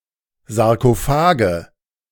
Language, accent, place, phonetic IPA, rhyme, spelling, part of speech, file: German, Germany, Berlin, [zaʁkoˈfaːɡə], -aːɡə, Sarkophage, noun, De-Sarkophage.ogg
- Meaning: nominative/accusative/genitive plural of Sarkophag